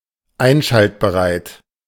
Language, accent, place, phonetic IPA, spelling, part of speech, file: German, Germany, Berlin, [ˈaɪ̯nʃaltbəʁaɪ̯t], einschaltbereit, adjective, De-einschaltbereit.ogg
- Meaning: ready to be switched on